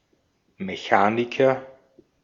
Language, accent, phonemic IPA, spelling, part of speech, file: German, Austria, /meˈçaːnikɐ/, Mechaniker, noun, De-at-Mechaniker.ogg
- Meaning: 1. mechanic, repairman, fitter, mechanician, machinist 2. ellipsis of Automechaniker; auto mechanic